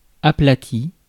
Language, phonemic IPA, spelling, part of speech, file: French, /a.pla.ti/, aplati, verb / adjective, Fr-aplati.ogg
- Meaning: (verb) past participle of aplatir; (adjective) flattened